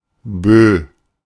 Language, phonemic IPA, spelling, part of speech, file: German, /bøː/, Bö, noun, De-Bö.oga
- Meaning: gust, squall